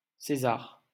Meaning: alternative form of César
- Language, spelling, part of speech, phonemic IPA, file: French, Cæsar, proper noun, /se.zaʁ/, LL-Q150 (fra)-Cæsar.wav